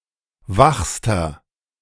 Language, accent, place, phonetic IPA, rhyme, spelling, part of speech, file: German, Germany, Berlin, [ˈvaxstɐ], -axstɐ, wachster, adjective, De-wachster.ogg
- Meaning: inflection of wach: 1. strong/mixed nominative masculine singular superlative degree 2. strong genitive/dative feminine singular superlative degree 3. strong genitive plural superlative degree